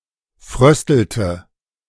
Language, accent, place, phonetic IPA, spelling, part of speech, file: German, Germany, Berlin, [ˈfʁœstl̩tə], fröstelte, verb, De-fröstelte.ogg
- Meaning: inflection of frösteln: 1. first/third-person singular preterite 2. first/third-person singular subjunctive II